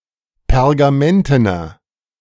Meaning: inflection of pergamenten: 1. strong/mixed nominative masculine singular 2. strong genitive/dative feminine singular 3. strong genitive plural
- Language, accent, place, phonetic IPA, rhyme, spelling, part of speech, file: German, Germany, Berlin, [pɛʁɡaˈmɛntənɐ], -ɛntənɐ, pergamentener, adjective, De-pergamentener.ogg